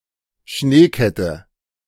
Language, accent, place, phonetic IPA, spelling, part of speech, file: German, Germany, Berlin, [ˈʃneːˌkɛtə], Schneekette, noun, De-Schneekette.ogg
- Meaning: snow chain